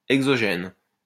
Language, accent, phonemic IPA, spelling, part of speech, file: French, France, /ɛɡ.zɔ.ʒɛn/, exogène, adjective, LL-Q150 (fra)-exogène.wav
- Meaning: exogenous